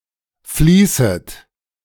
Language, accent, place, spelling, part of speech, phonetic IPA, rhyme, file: German, Germany, Berlin, fließet, verb, [ˈfliːsət], -iːsət, De-fließet.ogg
- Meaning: second-person plural subjunctive I of fließen